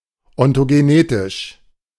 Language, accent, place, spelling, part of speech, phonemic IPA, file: German, Germany, Berlin, ontogenetisch, adjective, /ɔntoɡeˈneːtɪʃ/, De-ontogenetisch.ogg
- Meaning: ontogenetic